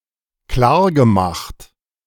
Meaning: past participle of klarmachen
- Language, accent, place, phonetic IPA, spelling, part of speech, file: German, Germany, Berlin, [ˈklaːɐ̯ɡəˌmaxt], klargemacht, verb, De-klargemacht.ogg